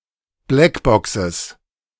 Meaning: plural of Blackbox
- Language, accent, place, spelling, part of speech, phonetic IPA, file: German, Germany, Berlin, Blackboxes, noun, [ˈblɛkˌbɔksəs], De-Blackboxes.ogg